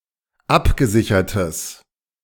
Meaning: strong/mixed nominative/accusative neuter singular of abgesichert
- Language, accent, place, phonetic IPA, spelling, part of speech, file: German, Germany, Berlin, [ˈapɡəˌzɪçɐtəs], abgesichertes, adjective, De-abgesichertes.ogg